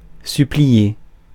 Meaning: to implore, to beseech, to beg
- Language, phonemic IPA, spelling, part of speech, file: French, /sy.pli.je/, supplier, verb, Fr-supplier.ogg